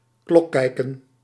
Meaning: to tell time
- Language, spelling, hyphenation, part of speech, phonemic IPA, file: Dutch, klokkijken, klok‧kij‧ken, verb, /klɔˌkɛi̯.kə(n)/, Nl-klokkijken.ogg